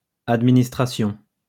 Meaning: plural of administration
- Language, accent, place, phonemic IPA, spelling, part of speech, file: French, France, Lyon, /ad.mi.nis.tʁa.sjɔ̃/, administrations, noun, LL-Q150 (fra)-administrations.wav